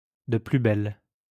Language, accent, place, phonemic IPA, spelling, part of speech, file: French, France, Lyon, /də ply bɛl/, de plus belle, adverb, LL-Q150 (fra)-de plus belle.wav
- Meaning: even more, even harder than before, with even greater intensity, with a vengeance